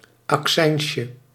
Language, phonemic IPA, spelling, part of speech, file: Dutch, /ɑkˈsɛɪnʃə/, accijnsje, noun, Nl-accijnsje.ogg
- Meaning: diminutive of accijns